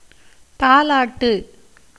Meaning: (verb) to lull; to rock a child in a cradle with lullabies; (noun) 1. lulling a child to sleep with songs 2. lullaby (usually ends with தாலேலோ (tālēlō) in Tamil)
- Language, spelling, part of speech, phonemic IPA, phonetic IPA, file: Tamil, தாலாட்டு, verb / noun, /t̪ɑːlɑːʈːɯ/, [t̪äːläːʈːɯ], Ta-தாலாட்டு.ogg